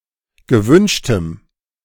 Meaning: strong dative masculine/neuter singular of gewünscht
- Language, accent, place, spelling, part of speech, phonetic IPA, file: German, Germany, Berlin, gewünschtem, adjective, [ɡəˈvʏnʃtəm], De-gewünschtem.ogg